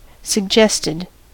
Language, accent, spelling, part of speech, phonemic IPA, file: English, US, suggested, adjective / verb, /sə(ɡ)ˈd͡ʒɛstɪd/, En-us-suggested.ogg
- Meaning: simple past and past participle of suggest